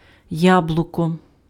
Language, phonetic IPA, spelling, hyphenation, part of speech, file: Ukrainian, [ˈjabɫʊkɔ], яблуко, яблу‧ко, noun, Uk-яблуко.ogg
- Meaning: apple (fruit)